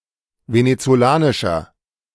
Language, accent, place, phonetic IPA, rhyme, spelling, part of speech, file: German, Germany, Berlin, [ˌvenet͡soˈlaːnɪʃɐ], -aːnɪʃɐ, venezolanischer, adjective, De-venezolanischer.ogg
- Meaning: inflection of venezolanisch: 1. strong/mixed nominative masculine singular 2. strong genitive/dative feminine singular 3. strong genitive plural